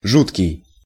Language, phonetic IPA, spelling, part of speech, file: Russian, [ˈʐutkʲɪj], жуткий, adjective, Ru-жуткий.ogg
- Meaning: 1. horrifying, horrible, inducing a sense of horror 2. horrible, bad, of poor quality 3. extreme, super (as an intensifier)